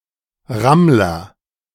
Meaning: male hare or rabbit
- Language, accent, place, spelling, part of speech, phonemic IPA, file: German, Germany, Berlin, Rammler, noun, /ˈʁamlɐ/, De-Rammler.ogg